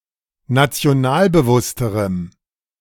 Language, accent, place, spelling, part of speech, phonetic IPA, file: German, Germany, Berlin, nationalbewussterem, adjective, [nat͡si̯oˈnaːlbəˌvʊstəʁəm], De-nationalbewussterem.ogg
- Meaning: strong dative masculine/neuter singular comparative degree of nationalbewusst